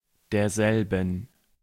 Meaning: 1. genitive feminine of derselbe 2. genitive plural of derselbe 3. dative feminine of derselbe
- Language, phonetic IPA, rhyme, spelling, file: German, [deːɐ̯ˈzɛlbn̩], -ɛlbn̩, derselben, De-derselben.ogg